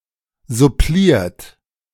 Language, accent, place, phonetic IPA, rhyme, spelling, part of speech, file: German, Germany, Berlin, [zʊˈpliːɐ̯t], -iːɐ̯t, suppliert, verb, De-suppliert.ogg
- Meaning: 1. past participle of supplieren 2. inflection of supplieren: third-person singular present 3. inflection of supplieren: second-person plural present